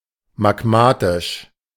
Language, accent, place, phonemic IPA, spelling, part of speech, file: German, Germany, Berlin, /maɡˈmaːtɪʃ/, magmatisch, adjective, De-magmatisch.ogg
- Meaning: magmatic